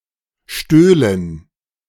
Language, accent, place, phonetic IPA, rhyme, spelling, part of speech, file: German, Germany, Berlin, [ˈʃtøːlən], -øːlən, stöhlen, verb, De-stöhlen.ogg
- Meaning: first/third-person plural subjunctive II of stehlen